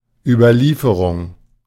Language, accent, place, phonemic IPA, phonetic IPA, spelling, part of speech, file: German, Germany, Berlin, /ˌybəʁˈliːfəʁʊŋ/, [ˌʔybɐˈliːfɐʁʊŋ], Überlieferung, noun, De-Überlieferung.ogg
- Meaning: 1. deliverance 2. tradition 3. hadith